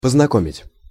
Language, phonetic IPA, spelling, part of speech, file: Russian, [pəznɐˈkomʲɪtʲ], познакомить, verb, Ru-познакомить.ogg
- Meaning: to introduce, to acquaint, to familiarize